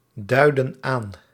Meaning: inflection of aanduiden: 1. plural present indicative 2. plural present subjunctive
- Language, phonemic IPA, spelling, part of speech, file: Dutch, /ˈdœydə(n) ˈan/, duiden aan, verb, Nl-duiden aan.ogg